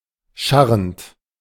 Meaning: present participle of scharren
- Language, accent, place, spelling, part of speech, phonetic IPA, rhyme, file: German, Germany, Berlin, scharrend, verb, [ˈʃaʁənt], -aʁənt, De-scharrend.ogg